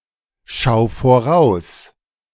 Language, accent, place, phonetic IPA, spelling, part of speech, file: German, Germany, Berlin, [ˌʃaʊ̯ ˈʊm], schau um, verb, De-schau um.ogg
- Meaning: 1. singular imperative of umschauen 2. first-person singular present of umschauen